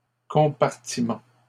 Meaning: plural of compartiment
- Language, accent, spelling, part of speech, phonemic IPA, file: French, Canada, compartiments, noun, /kɔ̃.paʁ.ti.mɑ̃/, LL-Q150 (fra)-compartiments.wav